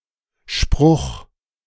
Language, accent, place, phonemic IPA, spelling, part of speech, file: German, Germany, Berlin, /ˈʃpʁʊx/, Spruch, noun, De-Spruch.ogg
- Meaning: short saying, expression or dictum that is remembered or is meaningful in itself: 1. stock phrase 2. slogan 3. sharp remark or repartee 4. witticism, witty quote 5. proverb, saying